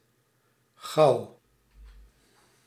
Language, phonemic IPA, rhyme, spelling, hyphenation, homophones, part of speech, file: Dutch, /ɣɑu̯/, -ɑu̯, gouw, gouw, gauw / Gauw, noun, Nl-gouw.ogg
- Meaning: 1. shire, geographical and/or administrative region 2. shire, geographical and/or administrative region: gau (subdivision of the Frankish and Holy Roman empires)